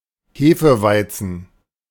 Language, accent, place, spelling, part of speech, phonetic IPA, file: German, Germany, Berlin, Hefeweizen, noun, [ˈheːfəˌvaɪ̯t͡sn̩], De-Hefeweizen.ogg
- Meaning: hefeweizen (unfiltered type of wheat beer)